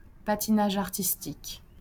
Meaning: figure skating
- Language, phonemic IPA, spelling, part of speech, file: French, /pa.ti.na.ʒ‿aʁ.tis.tik/, patinage artistique, noun, LL-Q150 (fra)-patinage artistique.wav